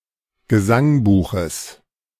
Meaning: genitive of Gesangbuch
- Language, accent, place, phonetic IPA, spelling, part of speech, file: German, Germany, Berlin, [ɡəˈzaŋˌbuːxəs], Gesangbuches, noun, De-Gesangbuches.ogg